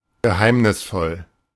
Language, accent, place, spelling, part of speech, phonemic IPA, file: German, Germany, Berlin, geheimnisvoll, adjective, /ɡəˈhaɪ̯mnɪsˌfɔl/, De-geheimnisvoll.ogg
- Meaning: 1. mysterious, cryptic, arcane, enigmatic 2. secretive